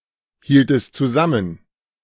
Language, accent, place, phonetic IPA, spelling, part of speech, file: German, Germany, Berlin, [ˌhiːltəst t͡suˈzamən], hieltest zusammen, verb, De-hieltest zusammen.ogg
- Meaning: inflection of zusammenhalten: 1. second-person singular preterite 2. second-person singular subjunctive II